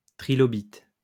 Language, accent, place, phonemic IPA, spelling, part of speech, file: French, France, Lyon, /tʁi.lɔ.bit/, trilobite, noun, LL-Q150 (fra)-trilobite.wav
- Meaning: trilobite